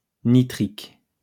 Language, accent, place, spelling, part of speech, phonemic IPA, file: French, France, Lyon, nitrique, adjective, /ni.tʁik/, LL-Q150 (fra)-nitrique.wav
- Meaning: nitric